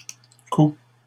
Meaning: inflection of coudre: 1. first/second-person singular present indicative 2. second-person singular imperative
- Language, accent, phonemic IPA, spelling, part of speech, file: French, Canada, /ku/, couds, verb, LL-Q150 (fra)-couds.wav